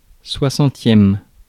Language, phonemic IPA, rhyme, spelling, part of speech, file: French, /swa.sɑ̃.tjɛm/, -ɛm, soixantième, adjective / noun, Fr-soixantième.ogg
- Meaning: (adjective) sixtieth